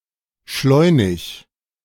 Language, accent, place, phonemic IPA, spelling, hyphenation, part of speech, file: German, Germany, Berlin, /ˈʃlɔɪ̯nɪç/, schleunig, schleu‧nig, adjective, De-schleunig.ogg
- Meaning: speedy, quick, rapid, prompt